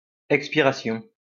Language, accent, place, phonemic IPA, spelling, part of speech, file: French, France, Lyon, /ɛk.spi.ʁa.sjɔ̃/, expiration, noun, LL-Q150 (fra)-expiration.wav
- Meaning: 1. expiration (act of expiring) 2. expiration (act of breathing out) 3. expiration (end)